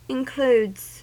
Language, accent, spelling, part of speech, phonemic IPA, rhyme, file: English, US, includes, verb / noun, /ɪnˈkluːdz/, -uːdz, En-us-includes.ogg
- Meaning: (verb) third-person singular simple present indicative of include; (noun) plural of include